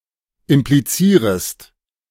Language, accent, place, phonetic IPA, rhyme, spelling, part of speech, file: German, Germany, Berlin, [ɪmpliˈt͡siːʁəst], -iːʁəst, implizierest, verb, De-implizierest.ogg
- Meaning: second-person singular subjunctive I of implizieren